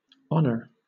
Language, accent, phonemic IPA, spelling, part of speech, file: English, Southern England, /ˈɒnə/, honour, noun / verb / interjection, LL-Q1860 (eng)-honour.wav
- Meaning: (noun) British, Canadian, Commonwealth, and Ireland standard spelling of honor